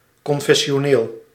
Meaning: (adjective) linked to a particular religious denomination, confessional; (noun) 1. adherent or member of an explicitly religious political party 2. orthodox Protestant fixated on creedal rectitude
- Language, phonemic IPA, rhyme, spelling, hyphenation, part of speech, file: Dutch, /ˌkɔn.fɛ.ʃoːˈneːl/, -eːl, confessioneel, con‧fes‧si‧o‧neel, adjective / noun, Nl-confessioneel.ogg